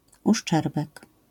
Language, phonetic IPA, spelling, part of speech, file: Polish, [uʃˈt͡ʃɛrbɛk], uszczerbek, noun, LL-Q809 (pol)-uszczerbek.wav